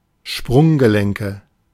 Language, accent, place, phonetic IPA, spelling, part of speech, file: German, Germany, Berlin, [ˈʃpʁʊŋɡəˌlɛŋkə], Sprunggelenke, noun, De-Sprunggelenke.ogg
- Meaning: nominative/accusative/genitive plural of Sprunggelenk